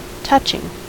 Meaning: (verb) present participle and gerund of touch; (adjective) 1. Provoking sadness and pity; that can cause sadness or heartbreak among witnesses to a sad event or situation 2. In direct contact with
- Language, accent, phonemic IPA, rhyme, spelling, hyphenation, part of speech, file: English, US, /ˈtʌt͡ʃɪŋ/, -ʌtʃɪŋ, touching, tou‧ching, verb / adjective / preposition / noun, En-us-touching.ogg